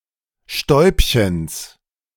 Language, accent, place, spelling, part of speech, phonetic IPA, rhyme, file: German, Germany, Berlin, Stäubchens, noun, [ˈʃtɔɪ̯pçəns], -ɔɪ̯pçəns, De-Stäubchens.ogg
- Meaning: genitive of Stäubchen